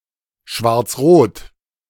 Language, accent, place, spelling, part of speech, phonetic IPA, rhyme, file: German, Germany, Berlin, schwarz-rot, adjective, [ʃvaʁt͡sˈʁoːt], -oːt, De-schwarz-rot.ogg
- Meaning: black-red, of a coalition between the CDU/CSU (a large center right christian democratic party in Germany) and the SPD (a large social democratic party in Germany)